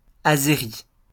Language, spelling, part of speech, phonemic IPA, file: French, azéri, noun / adjective, /a.ze.ʁi/, LL-Q150 (fra)-azéri.wav
- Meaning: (noun) Azeri (language); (adjective) Azeri